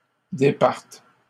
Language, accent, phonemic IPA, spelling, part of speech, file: French, Canada, /de.paʁt/, départes, verb, LL-Q150 (fra)-départes.wav
- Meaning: second-person singular present subjunctive of départir